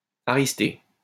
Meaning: aristate
- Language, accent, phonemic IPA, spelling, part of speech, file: French, France, /a.ʁis.te/, aristé, adjective, LL-Q150 (fra)-aristé.wav